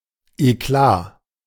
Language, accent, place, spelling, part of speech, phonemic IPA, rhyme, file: German, Germany, Berlin, Eklat, noun, /eˈklaː/, -aː, De-Eklat.ogg
- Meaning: a stir, scandal, disturbing incident or scene, especially a dispute, quarrel